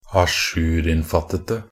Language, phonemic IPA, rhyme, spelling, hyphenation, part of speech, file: Norwegian Bokmål, /aˈʃʉːrɪnfatətə/, -ətə, ajourinnfattete, a‧jour‧inn‧fatt‧et‧e, adjective, Nb-ajourinnfattete.ogg
- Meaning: 1. definite singular of ajourinnfattet 2. definite singular of ajourinnfatta 3. plural of ajourinnfattet 4. plural of ajourinnfatta